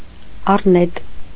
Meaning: rat
- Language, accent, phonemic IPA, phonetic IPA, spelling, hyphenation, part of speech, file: Armenian, Eastern Armenian, /ɑrˈnet/, [ɑrnét], առնետ, առ‧նետ, noun, Hy-առնետ.ogg